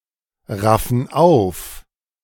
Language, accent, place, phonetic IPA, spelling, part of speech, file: German, Germany, Berlin, [ˌʁafn̩ ˈaʊ̯f], raffen auf, verb, De-raffen auf.ogg
- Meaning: inflection of aufraffen: 1. first/third-person plural present 2. first/third-person plural subjunctive I